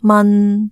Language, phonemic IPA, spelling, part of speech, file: Cantonese, /mɐn³³/, man3, romanization, Yue-man3.ogg
- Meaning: 1. Jyutping transcription of 呡 2. Jyutping transcription of 抆